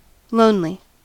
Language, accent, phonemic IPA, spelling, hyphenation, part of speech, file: English, US, /ˈloʊnli/, lonely, lone‧ly, adjective, En-us-lonely.ogg
- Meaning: 1. Unhappy due to feeling isolated from contact with other people 2. Unfrequented by people; desolate 3. Without companions; solitary